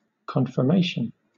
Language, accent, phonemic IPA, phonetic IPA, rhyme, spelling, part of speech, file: English, Southern England, /ˌkɒn.fəˈmeɪ.ʃən/, [ˌkʰɒɱ.fəˈmeɪ.ʃn̩], -eɪʃən, confirmation, noun, LL-Q1860 (eng)-confirmation.wav
- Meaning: 1. An official indicator that things will happen as planned 2. A verification that something is true or has happened